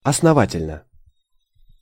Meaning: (adverb) thoroughly, well; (adjective) short neuter singular of основа́тельный (osnovátelʹnyj)
- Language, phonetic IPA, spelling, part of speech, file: Russian, [ɐsnɐˈvatʲɪlʲnə], основательно, adverb / adjective, Ru-основательно.ogg